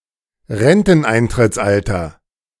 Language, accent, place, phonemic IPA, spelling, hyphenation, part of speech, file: German, Germany, Berlin, /ˈʁɛntn̩ʔaɪ̯ntʁɪt͡sˌʔaltɐ/, Renteneintrittsalter, Ren‧ten‧ein‧tritts‧al‧ter, noun, De-Renteneintrittsalter.ogg
- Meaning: pension age, pensionable age, pension commencement age (age at which one starts to receive a pension)